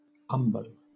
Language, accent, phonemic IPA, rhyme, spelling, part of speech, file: English, Southern England, /ˈʌm.bəʊ/, -ʌmbəʊ, umbo, noun, LL-Q1860 (eng)-umbo.wav
- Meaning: The boss of a shield, at or near the middle and usually projecting, sometimes in a sharp spike